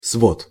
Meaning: 1. vault, arch 2. code
- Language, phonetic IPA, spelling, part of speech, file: Russian, [svot], свод, noun, Ru-свод.ogg